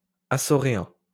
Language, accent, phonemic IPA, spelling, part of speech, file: French, France, /a.sɔ.ʁe.ɛ̃/, açoréen, adjective, LL-Q150 (fra)-açoréen.wav
- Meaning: Azorean